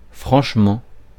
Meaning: 1. frankly; sincerely 2. vigorously, without doubting oneself 3. really, downright, outright
- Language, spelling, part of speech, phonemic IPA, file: French, franchement, adverb, /fʁɑ̃ʃ.mɑ̃/, Fr-franchement.ogg